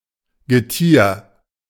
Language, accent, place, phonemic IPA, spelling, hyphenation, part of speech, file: German, Germany, Berlin, /ɡəˈtiːɐ̯/, Getier, Ge‧tier, noun, De-Getier.ogg
- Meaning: beasts, animals